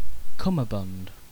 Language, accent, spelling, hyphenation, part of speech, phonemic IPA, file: English, Received Pronunciation, cummerbund, cum‧mer‧bund, noun, /ˈkʌməbʌnd/, En-uk-cummerbund.ogg
- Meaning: A broad sash, especially one that is pleated lengthwise and worn as an article of formal dress, as around a man's waist together with a tuxedo or dinner jacket